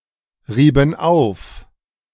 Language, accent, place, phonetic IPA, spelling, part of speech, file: German, Germany, Berlin, [ˌʁiːbn̩ ˈaʊ̯f], rieben auf, verb, De-rieben auf.ogg
- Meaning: inflection of aufreiben: 1. first/third-person plural preterite 2. first/third-person plural subjunctive II